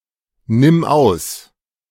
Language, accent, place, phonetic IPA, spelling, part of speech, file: German, Germany, Berlin, [ˌnɪm ˈaʊ̯s], nimm aus, verb, De-nimm aus.ogg
- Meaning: singular imperative of ausnehmen